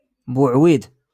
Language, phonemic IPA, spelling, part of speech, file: Moroccan Arabic, /buːʕ.wiːd/, بوعويد, noun, LL-Q56426 (ary)-بوعويد.wav
- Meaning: pears